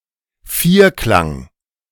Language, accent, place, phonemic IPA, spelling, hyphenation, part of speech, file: German, Germany, Berlin, /ˈfiːɐ̯ˌklaŋ/, Vierklang, Vier‧klang, noun, De-Vierklang.ogg
- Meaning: tetrad